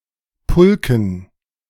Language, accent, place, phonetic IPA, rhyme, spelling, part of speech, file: German, Germany, Berlin, [ˈpʊlkn̩], -ʊlkn̩, Pulken, noun, De-Pulken.ogg
- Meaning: dative plural of Pulk